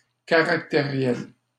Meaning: 1. temperamental 2. emotionally disturbed
- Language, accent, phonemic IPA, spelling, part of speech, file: French, Canada, /ka.ʁak.te.ʁjɛl/, caractériel, adjective, LL-Q150 (fra)-caractériel.wav